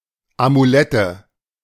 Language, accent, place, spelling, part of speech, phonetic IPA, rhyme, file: German, Germany, Berlin, Amulette, noun, [amuˈlɛtə], -ɛtə, De-Amulette.ogg
- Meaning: nominative/accusative/genitive plural of Amulett